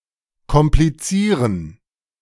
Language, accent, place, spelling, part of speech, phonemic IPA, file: German, Germany, Berlin, komplizieren, verb, /kɔmpliˈt͡siːʁən/, De-komplizieren.ogg
- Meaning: to complicate